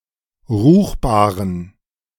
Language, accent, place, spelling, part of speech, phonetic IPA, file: German, Germany, Berlin, ruchbaren, adjective, [ˈʁuːxbaːʁən], De-ruchbaren.ogg
- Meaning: inflection of ruchbar: 1. strong genitive masculine/neuter singular 2. weak/mixed genitive/dative all-gender singular 3. strong/weak/mixed accusative masculine singular 4. strong dative plural